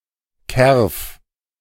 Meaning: insect
- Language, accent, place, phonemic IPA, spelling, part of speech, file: German, Germany, Berlin, /kɛrf/, Kerf, noun, De-Kerf.ogg